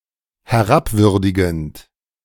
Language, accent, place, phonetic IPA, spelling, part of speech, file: German, Germany, Berlin, [hɛˈʁapˌvʏʁdɪɡn̩t], herabwürdigend, verb, De-herabwürdigend.ogg
- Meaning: present participle of herabwürdigen